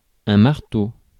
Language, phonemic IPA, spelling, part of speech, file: French, /maʁ.to/, marteau, noun / adjective, Fr-marteau.ogg
- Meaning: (noun) 1. a hammer used for pounding 2. a machine tool that pounds 3. a hammer-shaped tool used to hit something, such as a gavel 4. a rapper; a door knocker 5. a piano or dulcimer hammer